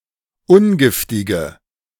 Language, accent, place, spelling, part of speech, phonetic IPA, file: German, Germany, Berlin, ungiftige, adjective, [ˈʊnˌɡɪftɪɡə], De-ungiftige.ogg
- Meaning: inflection of ungiftig: 1. strong/mixed nominative/accusative feminine singular 2. strong nominative/accusative plural 3. weak nominative all-gender singular